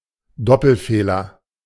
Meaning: double fault (missing of both the first serve and second serve)
- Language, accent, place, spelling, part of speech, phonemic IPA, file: German, Germany, Berlin, Doppelfehler, noun, /ˈdɔpl̩feːlɐ/, De-Doppelfehler.ogg